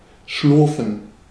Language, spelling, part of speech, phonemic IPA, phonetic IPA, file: German, schlurfen, verb, /ˈʃlʊʁfən/, [ˈʃlʊɐ̯fn̩], De-schlurfen.ogg
- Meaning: to shuffle (walk without picking up one’s feet)